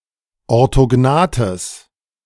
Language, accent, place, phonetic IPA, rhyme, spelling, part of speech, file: German, Germany, Berlin, [ɔʁtoˈɡnaːtəs], -aːtəs, orthognathes, adjective, De-orthognathes.ogg
- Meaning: strong/mixed nominative/accusative neuter singular of orthognath